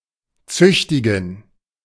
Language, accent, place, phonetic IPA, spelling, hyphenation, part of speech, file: German, Germany, Berlin, [ˈt͡sʏçtɪɡn̩], züchtigen, züch‧ti‧gen, verb, De-züchtigen.ogg
- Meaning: to corporally punish